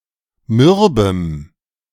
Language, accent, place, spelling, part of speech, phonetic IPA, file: German, Germany, Berlin, mürbem, adjective, [ˈmʏʁbəm], De-mürbem.ogg
- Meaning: strong dative masculine/neuter singular of mürb